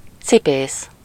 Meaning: shoemaker, cobbler
- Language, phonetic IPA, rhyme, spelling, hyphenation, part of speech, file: Hungarian, [ˈt͡sipeːs], -eːs, cipész, ci‧pész, noun, Hu-cipész.ogg